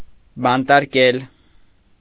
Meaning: to imprison
- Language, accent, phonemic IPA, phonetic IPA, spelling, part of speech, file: Armenian, Eastern Armenian, /bɑntɑɾˈkel/, [bɑntɑɾkél], բանտարկել, verb, Hy-բանտարկել.ogg